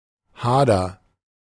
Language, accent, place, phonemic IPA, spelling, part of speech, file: German, Germany, Berlin, /ˈhaːdɐ/, Hader, noun, De-Hader.ogg
- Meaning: dispute, quarrel